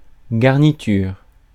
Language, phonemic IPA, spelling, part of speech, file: French, /ɡaʁ.ni.tyʁ/, garniture, noun, Fr-garniture.ogg
- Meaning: 1. garniture 2. lapping, winding